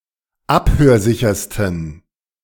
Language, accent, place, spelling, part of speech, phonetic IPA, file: German, Germany, Berlin, abhörsichersten, adjective, [ˈaphøːɐ̯ˌzɪçɐstn̩], De-abhörsichersten.ogg
- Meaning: 1. superlative degree of abhörsicher 2. inflection of abhörsicher: strong genitive masculine/neuter singular superlative degree